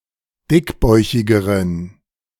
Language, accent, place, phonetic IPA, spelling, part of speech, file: German, Germany, Berlin, [ˈdɪkˌbɔɪ̯çɪɡəʁən], dickbäuchigeren, adjective, De-dickbäuchigeren.ogg
- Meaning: inflection of dickbäuchig: 1. strong genitive masculine/neuter singular comparative degree 2. weak/mixed genitive/dative all-gender singular comparative degree